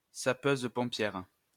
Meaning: female equivalent of sapeur-pompier
- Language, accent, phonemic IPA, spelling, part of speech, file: French, France, /sa.pøz.pɔ̃.pjɛʁ/, sapeuse-pompière, noun, LL-Q150 (fra)-sapeuse-pompière.wav